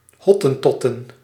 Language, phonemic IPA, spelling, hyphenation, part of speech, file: Dutch, /ˈɦɔ.tə(n)ˌtɔ.tə(n)/, Hottentotten, Hot‧ten‧tot‧ten, noun, Nl-Hottentotten.ogg
- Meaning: plural of Hottentot